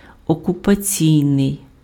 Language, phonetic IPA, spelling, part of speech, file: Ukrainian, [ɔkʊpɐˈt͡sʲii̯nei̯], окупаційний, adjective, Uk-окупаційний.ogg
- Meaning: occupation